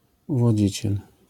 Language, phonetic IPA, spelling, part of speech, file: Polish, [ˌuvɔˈd͡ʑit͡ɕɛl], uwodziciel, noun, LL-Q809 (pol)-uwodziciel.wav